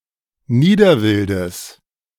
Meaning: genitive singular of Niederwild
- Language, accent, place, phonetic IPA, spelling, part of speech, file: German, Germany, Berlin, [ˈniːdɐˌvɪldəs], Niederwildes, noun, De-Niederwildes.ogg